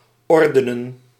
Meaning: to bring into order, to tidy
- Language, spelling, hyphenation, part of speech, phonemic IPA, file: Dutch, ordenen, or‧de‧nen, verb, /ˈɔrdənə(n)/, Nl-ordenen.ogg